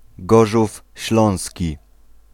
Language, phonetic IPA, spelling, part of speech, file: Polish, [ˈɡɔʒufʲ ˈɕlɔ̃w̃sʲci], Gorzów Śląski, proper noun, Pl-Gorzów Śląski.ogg